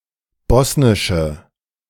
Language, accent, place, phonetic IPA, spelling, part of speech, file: German, Germany, Berlin, [ˈbɔsnɪʃə], bosnische, adjective, De-bosnische.ogg
- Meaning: inflection of bosnisch: 1. strong/mixed nominative/accusative feminine singular 2. strong nominative/accusative plural 3. weak nominative all-gender singular